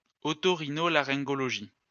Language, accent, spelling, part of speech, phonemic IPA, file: French, France, oto-rhino-laryngologie, noun, /ɔ.to.ʁi.no.la.ʁɛ̃.ɡɔ.lɔ.ʒi/, LL-Q150 (fra)-oto-rhino-laryngologie.wav
- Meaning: otorhinolaryngology